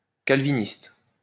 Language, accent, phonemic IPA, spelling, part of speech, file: French, France, /kal.vi.nist/, calviniste, adjective / noun, LL-Q150 (fra)-calviniste.wav
- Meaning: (adjective) Calvinist